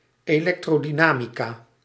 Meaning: electrodynamics
- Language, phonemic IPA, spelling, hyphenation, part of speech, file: Dutch, /eːˌlɛk.troː.diˈnaː.mi.kaː/, elektrodynamica, elek‧tro‧dy‧na‧mi‧ca, noun, Nl-elektrodynamica.ogg